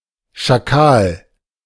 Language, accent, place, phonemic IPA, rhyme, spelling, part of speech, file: German, Germany, Berlin, /ʃaˈkaːl/, -aːl, Schakal, noun, De-Schakal.ogg
- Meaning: jackal